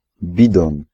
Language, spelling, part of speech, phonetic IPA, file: Polish, bidon, noun, [ˈbʲidɔ̃n], Pl-bidon.ogg